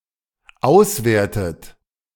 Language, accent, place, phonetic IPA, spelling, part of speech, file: German, Germany, Berlin, [ˈaʊ̯sˌveːɐ̯tət], auswertet, verb, De-auswertet.ogg
- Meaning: inflection of auswerten: 1. third-person singular dependent present 2. second-person plural dependent present 3. second-person plural dependent subjunctive I